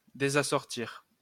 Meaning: to spoil the match of, to mismatch
- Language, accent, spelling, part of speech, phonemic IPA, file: French, France, désassortir, verb, /de.za.sɔʁ.tiʁ/, LL-Q150 (fra)-désassortir.wav